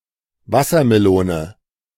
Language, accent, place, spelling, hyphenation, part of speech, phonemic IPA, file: German, Germany, Berlin, Wassermelone, Was‧ser‧me‧lo‧ne, noun, /ˈvasɐmeˌloːnə/, De-Wassermelone.ogg
- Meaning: watermelon (plant)